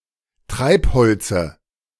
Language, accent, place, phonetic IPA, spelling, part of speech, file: German, Germany, Berlin, [ˈtʁaɪ̯pˌhɔlt͡sə], Treibholze, noun, De-Treibholze.ogg
- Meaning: dative of Treibholz